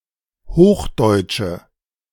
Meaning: inflection of hochdeutsch: 1. strong/mixed nominative/accusative feminine singular 2. strong nominative/accusative plural 3. weak nominative all-gender singular
- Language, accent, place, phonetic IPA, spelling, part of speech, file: German, Germany, Berlin, [ˈhoːxˌdɔɪ̯t͡ʃə], hochdeutsche, adjective, De-hochdeutsche.ogg